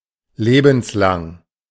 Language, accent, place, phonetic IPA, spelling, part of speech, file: German, Germany, Berlin, [ˈleːbn̩sˌlaŋ], lebenslang, adjective, De-lebenslang.ogg
- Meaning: lifelong